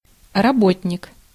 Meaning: worker, blue-collar worker, employee
- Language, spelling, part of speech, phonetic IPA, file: Russian, работник, noun, [rɐˈbotʲnʲɪk], Ru-работник.ogg